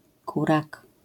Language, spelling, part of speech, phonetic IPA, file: Polish, kurak, noun, [ˈkurak], LL-Q809 (pol)-kurak.wav